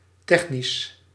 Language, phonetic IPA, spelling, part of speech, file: Dutch, [ˈtɛxnis], technisch, adjective, Nl-technisch.ogg
- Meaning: technical